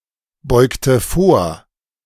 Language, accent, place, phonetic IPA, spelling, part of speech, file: German, Germany, Berlin, [ˌbɔɪ̯ktə ˈfoːɐ̯], beugte vor, verb, De-beugte vor.ogg
- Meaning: inflection of vorbeugen: 1. first/third-person singular preterite 2. first/third-person singular subjunctive II